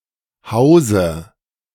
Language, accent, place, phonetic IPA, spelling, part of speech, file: German, Germany, Berlin, [ˈhaʊ̯zə], hause, verb, De-hause.ogg
- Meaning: inflection of hausen: 1. first-person singular present 2. first/third-person singular subjunctive I 3. singular imperative